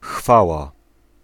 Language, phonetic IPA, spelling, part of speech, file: Polish, [ˈxfawa], chwała, noun, Pl-chwała.ogg